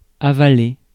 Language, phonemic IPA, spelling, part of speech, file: French, /a.va.le/, avaler, verb, Fr-avaler.ogg
- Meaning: 1. to swallow 2. to believe 3. to support 4. to approve, endorse 5. to swallow cum, to swallow